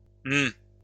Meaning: 1. prevocalic form of me 2. prevocalic form of moi
- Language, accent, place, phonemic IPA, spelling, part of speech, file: French, France, Lyon, /m‿/, m', pronoun, LL-Q150 (fra)-m'.wav